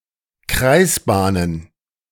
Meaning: plural of Kreisbahn
- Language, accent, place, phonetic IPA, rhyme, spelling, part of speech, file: German, Germany, Berlin, [ˈkʁaɪ̯sˌbaːnən], -aɪ̯sbaːnən, Kreisbahnen, noun, De-Kreisbahnen.ogg